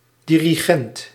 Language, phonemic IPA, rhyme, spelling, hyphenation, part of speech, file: Dutch, /ˌdi.riˈɣɛnt/, -ɛnt, dirigent, di‧ri‧gent, noun, Nl-dirigent.ogg
- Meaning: 1. a conductor, person who musically directs an orchestra, choir or other music ensemble 2. a director, person pulling the strings